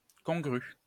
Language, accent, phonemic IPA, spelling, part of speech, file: French, France, /kɔ̃.ɡʁy/, congru, adjective, LL-Q150 (fra)-congru.wav
- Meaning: congruous, congruent